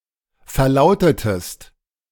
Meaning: inflection of verlauten: 1. second-person singular preterite 2. second-person singular subjunctive II
- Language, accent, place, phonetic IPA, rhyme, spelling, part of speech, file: German, Germany, Berlin, [fɛɐ̯ˈlaʊ̯tətəst], -aʊ̯tətəst, verlautetest, verb, De-verlautetest.ogg